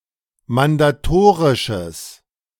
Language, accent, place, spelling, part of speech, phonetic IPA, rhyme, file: German, Germany, Berlin, mandatorisches, adjective, [mandaˈtoːʁɪʃəs], -oːʁɪʃəs, De-mandatorisches.ogg
- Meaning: strong/mixed nominative/accusative neuter singular of mandatorisch